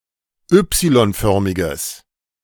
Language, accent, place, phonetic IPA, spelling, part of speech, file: German, Germany, Berlin, [ˈʏpsilɔnˌfœʁmɪɡəs], y-förmiges, adjective, De-y-förmiges.ogg
- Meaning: strong/mixed nominative/accusative neuter singular of y-förmig